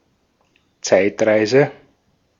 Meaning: time travel
- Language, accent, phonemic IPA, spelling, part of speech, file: German, Austria, /ˈt͡saɪ̯tˌʁaɪ̯zə/, Zeitreise, noun, De-at-Zeitreise.ogg